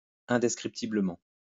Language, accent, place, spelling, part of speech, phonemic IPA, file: French, France, Lyon, indescriptiblement, adverb, /ɛ̃.dɛs.kʁip.ti.blə.mɑ̃/, LL-Q150 (fra)-indescriptiblement.wav
- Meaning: indescribably